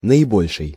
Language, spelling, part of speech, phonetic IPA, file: Russian, наибольший, adjective, [nəɪˈbolʲʂɨj], Ru-наибольший.ogg
- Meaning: superlative degree of большо́й (bolʹšój): 1. the greatest, the largest, the most 2. the worst (in negative context) 3. maximal, maximum